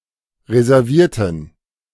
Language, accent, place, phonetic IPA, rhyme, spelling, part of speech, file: German, Germany, Berlin, [ʁezɛʁˈviːɐ̯tn̩], -iːɐ̯tn̩, reservierten, adjective / verb, De-reservierten.ogg
- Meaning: inflection of reservieren: 1. first/third-person plural preterite 2. first/third-person plural subjunctive II